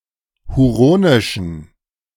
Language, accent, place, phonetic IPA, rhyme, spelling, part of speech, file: German, Germany, Berlin, [huˈʁoːnɪʃn̩], -oːnɪʃn̩, huronischen, adjective, De-huronischen.ogg
- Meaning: inflection of huronisch: 1. strong genitive masculine/neuter singular 2. weak/mixed genitive/dative all-gender singular 3. strong/weak/mixed accusative masculine singular 4. strong dative plural